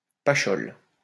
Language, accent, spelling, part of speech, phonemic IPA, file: French, France, pachole, noun, /pa.ʃɔl/, LL-Q150 (fra)-pachole.wav
- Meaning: 1. a pocket shaped fishing net for catching small fish 2. a vagina; a cunt 3. a seductive young woman